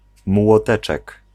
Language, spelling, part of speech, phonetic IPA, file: Polish, młoteczek, noun, [mwɔˈtɛt͡ʃɛk], Pl-młoteczek.ogg